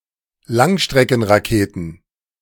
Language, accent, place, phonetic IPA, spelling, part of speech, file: German, Germany, Berlin, [ˈlaŋʃtʁɛkn̩ʁaˌkeːtn̩], Langstreckenraketen, noun, De-Langstreckenraketen.ogg
- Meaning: plural of Langstreckenrakete